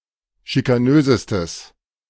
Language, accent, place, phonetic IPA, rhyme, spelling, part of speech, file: German, Germany, Berlin, [ʃikaˈnøːzəstəs], -øːzəstəs, schikanösestes, adjective, De-schikanösestes.ogg
- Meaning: strong/mixed nominative/accusative neuter singular superlative degree of schikanös